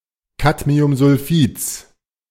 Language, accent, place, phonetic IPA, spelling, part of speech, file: German, Germany, Berlin, [ˈkadmiʊmzʊlˌfiːt͡s], Cadmiumsulfids, noun, De-Cadmiumsulfids.ogg
- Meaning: genitive singular of Cadmiumsulfid